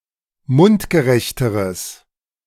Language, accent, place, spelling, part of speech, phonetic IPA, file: German, Germany, Berlin, mundgerechteres, adjective, [ˈmʊntɡəˌʁɛçtəʁəs], De-mundgerechteres.ogg
- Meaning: strong/mixed nominative/accusative neuter singular comparative degree of mundgerecht